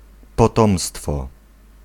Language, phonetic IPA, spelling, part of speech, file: Polish, [pɔˈtɔ̃mstfɔ], potomstwo, noun, Pl-potomstwo.ogg